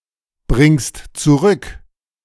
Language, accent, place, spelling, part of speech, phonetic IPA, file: German, Germany, Berlin, bringst zurück, verb, [ˌbʁɪŋst t͡suˈʁʏk], De-bringst zurück.ogg
- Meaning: second-person singular present of zurückbringen